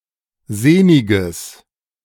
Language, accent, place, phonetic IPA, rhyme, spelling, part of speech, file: German, Germany, Berlin, [ˈzeːnɪɡəs], -eːnɪɡəs, sehniges, adjective, De-sehniges.ogg
- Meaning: strong/mixed nominative/accusative neuter singular of sehnig